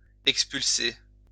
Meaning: 1. to expel 2. to send off
- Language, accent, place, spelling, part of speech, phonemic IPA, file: French, France, Lyon, expulser, verb, /ɛk.spyl.se/, LL-Q150 (fra)-expulser.wav